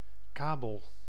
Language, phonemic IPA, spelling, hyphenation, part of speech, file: Dutch, /ˈkaː.bəl/, kabel, ka‧bel, noun, Nl-kabel.ogg
- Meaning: 1. cable 2. cable television 3. cable internet